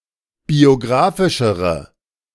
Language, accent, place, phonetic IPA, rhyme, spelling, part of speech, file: German, Germany, Berlin, [bioˈɡʁaːfɪʃəʁə], -aːfɪʃəʁə, biografischere, adjective, De-biografischere.ogg
- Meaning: inflection of biografisch: 1. strong/mixed nominative/accusative feminine singular comparative degree 2. strong nominative/accusative plural comparative degree